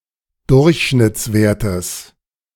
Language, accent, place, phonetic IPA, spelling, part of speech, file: German, Germany, Berlin, [ˈdʊʁçʃnɪt͡sˌveːɐ̯təs], Durchschnittswertes, noun, De-Durchschnittswertes.ogg
- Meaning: genitive singular of Durchschnittswert